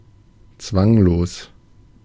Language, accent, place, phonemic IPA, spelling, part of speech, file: German, Germany, Berlin, /ˈt͡svaŋloːs/, zwanglos, adjective, De-zwanglos.ogg
- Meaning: casual, relaxed